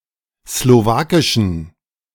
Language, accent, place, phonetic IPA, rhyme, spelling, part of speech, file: German, Germany, Berlin, [sloˈvaːkɪʃn̩], -aːkɪʃn̩, slowakischen, adjective, De-slowakischen.ogg
- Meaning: inflection of slowakisch: 1. strong genitive masculine/neuter singular 2. weak/mixed genitive/dative all-gender singular 3. strong/weak/mixed accusative masculine singular 4. strong dative plural